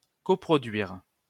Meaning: to coproduce
- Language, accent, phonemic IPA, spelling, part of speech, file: French, France, /kɔ.pʁɔ.dɥiʁ/, coproduire, verb, LL-Q150 (fra)-coproduire.wav